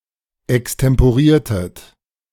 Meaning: inflection of extemporieren: 1. second-person plural preterite 2. second-person plural subjunctive II
- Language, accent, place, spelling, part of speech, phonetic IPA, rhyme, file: German, Germany, Berlin, extemporiertet, verb, [ɛkstɛmpoˈʁiːɐ̯tət], -iːɐ̯tət, De-extemporiertet.ogg